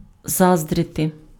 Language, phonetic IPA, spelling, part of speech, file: Ukrainian, [ˈzazdrete], заздрити, verb, Uk-заздрити.ogg
- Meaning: to envy